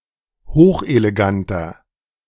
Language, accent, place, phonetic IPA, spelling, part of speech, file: German, Germany, Berlin, [ˈhoːxʔeleˌɡantɐ], hocheleganter, adjective, De-hocheleganter.ogg
- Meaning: inflection of hochelegant: 1. strong/mixed nominative masculine singular 2. strong genitive/dative feminine singular 3. strong genitive plural